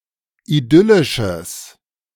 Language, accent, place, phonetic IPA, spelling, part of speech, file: German, Germany, Berlin, [iˈdʏlɪʃəs], idyllisches, adjective, De-idyllisches.ogg
- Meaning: strong/mixed nominative/accusative neuter singular of idyllisch